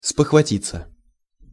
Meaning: to bethink, to think / remember / recollect suddenly
- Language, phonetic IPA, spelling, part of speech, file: Russian, [spəxvɐˈtʲit͡sːə], спохватиться, verb, Ru-спохватиться.ogg